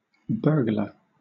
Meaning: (noun) A person who breaks in to premises with the intent of committing a crime, usually theft; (verb) To commit burglary
- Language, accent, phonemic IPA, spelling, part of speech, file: English, Southern England, /ˈbɜːɡlə(ɹ)/, burglar, noun / verb, LL-Q1860 (eng)-burglar.wav